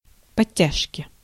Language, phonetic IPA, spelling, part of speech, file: Russian, [pɐˈtʲːaʂkʲɪ], подтяжки, noun, Ru-подтяжки.ogg
- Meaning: 1. suspenders, braces, galluses (for trousers) 2. inflection of подтя́жка (podtjážka): genitive singular 3. inflection of подтя́жка (podtjážka): nominative/accusative plural